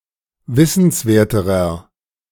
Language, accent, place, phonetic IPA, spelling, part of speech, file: German, Germany, Berlin, [ˈvɪsn̩sˌveːɐ̯təʁɐ], wissenswerterer, adjective, De-wissenswerterer.ogg
- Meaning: inflection of wissenswert: 1. strong/mixed nominative masculine singular comparative degree 2. strong genitive/dative feminine singular comparative degree 3. strong genitive plural comparative degree